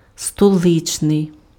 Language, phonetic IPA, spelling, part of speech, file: Ukrainian, [stɔˈɫɪt͡ʃnei̯], столичний, adjective, Uk-столичний.ogg
- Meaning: 1. capital, capital city (attributive) 2. metropolitan